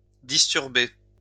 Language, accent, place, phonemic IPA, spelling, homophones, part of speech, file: French, France, Lyon, /dis.tyʁ.be/, disturber, disturbé / disturbée / disturbées / disturbés, verb, LL-Q150 (fra)-disturber.wav
- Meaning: to disturb